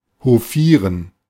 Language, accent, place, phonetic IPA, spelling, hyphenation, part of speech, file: German, Germany, Berlin, [hoˈfiːʁən], hofieren, ho‧fie‧ren, verb, De-hofieren.ogg
- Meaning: to court, to pay court to